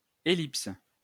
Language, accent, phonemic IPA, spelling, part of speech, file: French, France, /e.lips/, ellipse, noun, LL-Q150 (fra)-ellipse.wav